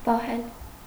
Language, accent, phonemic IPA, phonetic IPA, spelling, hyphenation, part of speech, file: Armenian, Eastern Armenian, /pɑˈhel/, [pɑhél], պահել, պա‧հել, verb, Hy-պահել.ogg
- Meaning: 1. to keep 2. to hold 3. to hide, to conceal 4. to keep back, to restrain 5. to maintain, to support 6. to delay, to detain 7. to guard 8. to breed, to rear 9. to save up